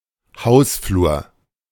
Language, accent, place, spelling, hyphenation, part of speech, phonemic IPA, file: German, Germany, Berlin, Hausflur, Haus‧flur, noun, /ˈhaʊ̯sˌfluːɐ̯/, De-Hausflur.ogg
- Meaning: corridor; landing